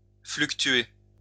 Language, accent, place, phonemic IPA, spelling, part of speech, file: French, France, Lyon, /flyk.tɥe/, fluctuer, verb, LL-Q150 (fra)-fluctuer.wav
- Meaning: to fluctuate (to vary irregularly; to swing)